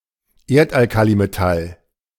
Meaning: alkaline earth metal
- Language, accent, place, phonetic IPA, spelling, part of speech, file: German, Germany, Berlin, [ˈeːɐ̯tʔalˌkaːlimetal], Erdalkalimetall, noun, De-Erdalkalimetall.ogg